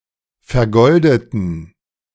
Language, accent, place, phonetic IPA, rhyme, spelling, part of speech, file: German, Germany, Berlin, [fɛɐ̯ˈɡɔldətn̩], -ɔldətn̩, vergoldeten, adjective / verb, De-vergoldeten.ogg
- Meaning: inflection of vergoldet: 1. strong genitive masculine/neuter singular 2. weak/mixed genitive/dative all-gender singular 3. strong/weak/mixed accusative masculine singular 4. strong dative plural